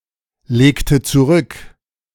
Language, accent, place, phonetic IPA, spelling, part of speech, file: German, Germany, Berlin, [ˌleːktə t͡suˈʁʏk], legte zurück, verb, De-legte zurück.ogg
- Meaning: inflection of zurücklegen: 1. first/third-person singular preterite 2. first/third-person singular subjunctive II